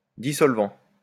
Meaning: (adjective) solvent (able to dissolve); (noun) solvent
- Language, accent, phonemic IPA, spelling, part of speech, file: French, France, /di.sɔl.vɑ̃/, dissolvant, adjective / noun, LL-Q150 (fra)-dissolvant.wav